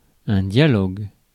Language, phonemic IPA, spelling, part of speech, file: French, /dja.lɔɡ/, dialogue, noun / verb, Fr-dialogue.ogg
- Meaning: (noun) dialogue; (verb) inflection of dialoguer: 1. first/third-person singular present indicative/subjunctive 2. second-person singular imperative